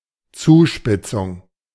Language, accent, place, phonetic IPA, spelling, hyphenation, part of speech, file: German, Germany, Berlin, [ˈt͡suːˌʃpɪt͡sʊŋ], Zuspitzung, Zu‧spit‧zung, noun, De-Zuspitzung.ogg
- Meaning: 1. tapering 2. worsening, deterioration, intensification, escalation, culmination